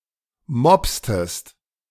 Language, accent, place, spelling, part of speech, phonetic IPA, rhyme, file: German, Germany, Berlin, mopstest, verb, [ˈmɔpstəst], -ɔpstəst, De-mopstest.ogg
- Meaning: inflection of mopsen: 1. second-person singular preterite 2. second-person singular subjunctive II